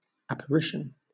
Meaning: 1. An act of becoming visible; appearance; visibility 2. The thing appearing; a visible object; a form
- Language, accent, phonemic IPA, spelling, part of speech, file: English, Southern England, /ˌæp.əɹˈɪʃn̩/, apparition, noun, LL-Q1860 (eng)-apparition.wav